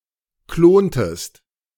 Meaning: inflection of klonen: 1. second-person singular preterite 2. second-person singular subjunctive II
- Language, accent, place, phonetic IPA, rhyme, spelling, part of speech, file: German, Germany, Berlin, [ˈkloːntəst], -oːntəst, klontest, verb, De-klontest.ogg